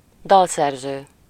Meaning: songwriter
- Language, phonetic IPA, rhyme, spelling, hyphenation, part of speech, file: Hungarian, [ˈdɒlsɛrzøː], -zøː, dalszerző, dal‧szer‧ző, noun, Hu-dalszerző.ogg